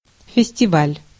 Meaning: festival (celebration)
- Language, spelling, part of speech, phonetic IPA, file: Russian, фестиваль, noun, [fʲɪsʲtʲɪˈvalʲ], Ru-фестиваль.ogg